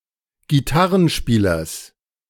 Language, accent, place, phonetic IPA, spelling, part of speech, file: German, Germany, Berlin, [ɡiˈtaʁənˌʃpiːlɐs], Gitarrenspielers, noun, De-Gitarrenspielers.ogg
- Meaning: genitive singular of Gitarrenspieler